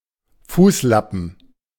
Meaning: footwrap
- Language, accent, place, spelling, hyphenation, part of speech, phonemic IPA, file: German, Germany, Berlin, Fußlappen, Fuß‧lap‧pen, noun, /ˈfuːslapm̩/, De-Fußlappen.ogg